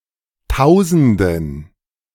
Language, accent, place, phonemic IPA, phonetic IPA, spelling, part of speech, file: German, Germany, Berlin, /ˈtaʊ̯zəndən/, [ˈtaʊ̯.zn̩.d(ə)n], Tausenden, noun, De-Tausenden.ogg
- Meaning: 1. dative plural of Tausend 2. weak and mixed plural of Tausend 3. plural of Tausend